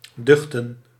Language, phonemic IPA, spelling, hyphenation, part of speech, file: Dutch, /ˈdʏx.tə(n)/, duchten, duch‧ten, verb, Nl-duchten.ogg
- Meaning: to fear